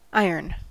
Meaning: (noun) A common, inexpensive metal, silvery grey when untarnished, that rusts, is attracted by magnets, and is used in making steel: a chemical element having atomic number 26 and symbol Fe
- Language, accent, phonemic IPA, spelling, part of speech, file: English, General American, /ˈaɪ.ɚn/, iron, noun / adjective / verb, En-us-iron.ogg